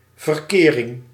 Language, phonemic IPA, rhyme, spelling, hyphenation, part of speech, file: Dutch, /vərˈkeː.rɪŋ/, -eːrɪŋ, verkering, ver‧ke‧ring, noun, Nl-verkering.ogg
- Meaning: 1. social contact, intercourse, dealings among people 2. the state of having a relationship, of dating or going out together